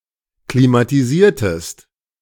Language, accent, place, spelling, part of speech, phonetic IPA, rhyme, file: German, Germany, Berlin, klimatisiertest, verb, [klimatiˈziːɐ̯təst], -iːɐ̯təst, De-klimatisiertest.ogg
- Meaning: inflection of klimatisieren: 1. second-person singular preterite 2. second-person singular subjunctive II